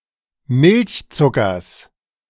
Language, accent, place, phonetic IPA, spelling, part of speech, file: German, Germany, Berlin, [ˈmɪlçˌt͡sʊkɐs], Milchzuckers, noun, De-Milchzuckers.ogg
- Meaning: genitive singular of Milchzucker